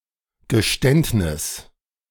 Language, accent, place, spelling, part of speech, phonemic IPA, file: German, Germany, Berlin, Geständnis, noun, /ɡəˈʃtɛntnɪs/, De-Geständnis.ogg
- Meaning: confession (open admittance of having done something)